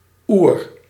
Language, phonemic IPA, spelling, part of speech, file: Dutch, /ur/, oer, noun, Nl-oer.ogg
- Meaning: ferrous ground, sand clotted by iron(III) oxide, bog iron ore